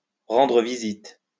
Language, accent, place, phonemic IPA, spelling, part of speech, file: French, France, Lyon, /ʁɑ̃.dʁə vi.zit/, rendre visite, verb, LL-Q150 (fra)-rendre visite.wav
- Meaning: to visit; to pay a visit to